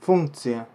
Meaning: 1. function 2. duty 3. purpose, role
- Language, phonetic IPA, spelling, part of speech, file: Russian, [ˈfunkt͡sɨjə], функция, noun, Ru-функция.ogg